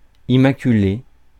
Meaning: immaculate
- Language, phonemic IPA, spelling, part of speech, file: French, /i(m).ma.ky.le/, immaculé, adjective, Fr-immaculé.ogg